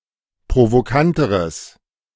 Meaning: strong/mixed nominative/accusative neuter singular comparative degree of provokant
- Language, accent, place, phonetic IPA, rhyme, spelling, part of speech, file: German, Germany, Berlin, [pʁovoˈkantəʁəs], -antəʁəs, provokanteres, adjective, De-provokanteres.ogg